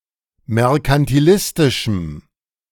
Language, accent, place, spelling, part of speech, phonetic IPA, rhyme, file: German, Germany, Berlin, merkantilistischem, adjective, [mɛʁkantiˈlɪstɪʃm̩], -ɪstɪʃm̩, De-merkantilistischem.ogg
- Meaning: strong dative masculine/neuter singular of merkantilistisch